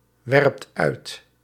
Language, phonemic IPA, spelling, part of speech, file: Dutch, /ˈwɛrᵊpt ˈœyt/, werpt uit, verb, Nl-werpt uit.ogg
- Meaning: inflection of uitwerpen: 1. second/third-person singular present indicative 2. plural imperative